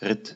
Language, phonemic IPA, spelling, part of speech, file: German, /ʁɪt/, Ritt, noun, De-Ritt.ogg
- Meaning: ride